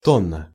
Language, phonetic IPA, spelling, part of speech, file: Russian, [ˈtonːə], тонна, noun, Ru-тонна.ogg
- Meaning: 1. metric ton, tonne (1000 kilograms) 2. large number, large amount, large weight 3. ton 4. a thousand units